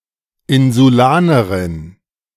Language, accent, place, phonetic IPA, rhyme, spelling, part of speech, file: German, Germany, Berlin, [ˌɪnzuˈlaːnəʁɪn], -aːnəʁɪn, Insulanerin, noun, De-Insulanerin.ogg
- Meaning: female equivalent of Insulaner